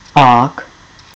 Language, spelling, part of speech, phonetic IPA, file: Czech, -ák, suffix, [ aːk], Cs-ák.ogg
- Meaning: 1. grader (noun suffix denoting a grade) 2. from nouns: forms nouns that indicate that the referent is characterized by or relating to the base noun